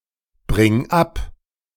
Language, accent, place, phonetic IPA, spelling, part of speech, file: German, Germany, Berlin, [ˌbʁɪŋ ˈap], bring ab, verb, De-bring ab.ogg
- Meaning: singular imperative of abbringen